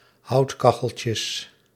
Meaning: plural of houtkacheltje
- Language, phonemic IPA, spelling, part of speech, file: Dutch, /ˈhɑutkɑxəlcəs/, houtkacheltjes, noun, Nl-houtkacheltjes.ogg